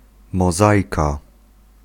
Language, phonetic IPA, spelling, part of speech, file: Polish, [mɔˈzajka], mozaika, noun, Pl-mozaika.ogg